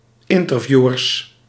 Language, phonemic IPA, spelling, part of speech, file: Dutch, /ˈintərˌvjuʋərs/, interviewers, noun, Nl-interviewers.ogg
- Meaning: plural of interviewer